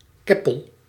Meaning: kippah, yarmulke
- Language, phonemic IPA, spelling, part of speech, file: Dutch, /ˈkɛ.pəl/, keppel, noun, Nl-keppel.ogg